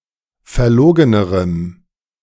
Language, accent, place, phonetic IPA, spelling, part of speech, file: German, Germany, Berlin, [fɛɐ̯ˈloːɡənəʁəm], verlogenerem, adjective, De-verlogenerem.ogg
- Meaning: strong dative masculine/neuter singular comparative degree of verlogen